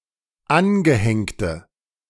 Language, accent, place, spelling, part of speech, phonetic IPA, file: German, Germany, Berlin, angehängte, adjective, [ˈanɡəˌhɛŋtə], De-angehängte.ogg
- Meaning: inflection of angehängt: 1. strong/mixed nominative/accusative feminine singular 2. strong nominative/accusative plural 3. weak nominative all-gender singular